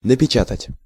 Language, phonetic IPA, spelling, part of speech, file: Russian, [nəpʲɪˈt͡ɕatətʲ], напечатать, verb, Ru-напечатать.ogg
- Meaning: 1. to print (to copy something on a surface, especially by machine) 2. to type (to use a typewriter or to enter text or commands into a computer using a keyboard)